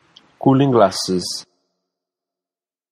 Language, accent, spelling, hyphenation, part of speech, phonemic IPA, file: English, Received Pronunciation, cooling glasses, cool‧ing glass‧es, noun, /ˈkuːlɪŋ ˈɡlɑːsɪz/, En-uk-cooling glasses.flac
- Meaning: Sunglasses